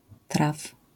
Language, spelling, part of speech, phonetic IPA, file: Polish, traf, noun / verb, [traf], LL-Q809 (pol)-traf.wav